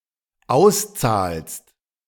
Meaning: second-person singular dependent present of auszahlen
- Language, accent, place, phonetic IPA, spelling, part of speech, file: German, Germany, Berlin, [ˈaʊ̯sˌt͡saːlst], auszahlst, verb, De-auszahlst.ogg